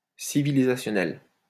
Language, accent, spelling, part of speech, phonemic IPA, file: French, France, civilisationnel, adjective, /si.vi.li.za.sjɔ.nɛl/, LL-Q150 (fra)-civilisationnel.wav
- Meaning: civilizational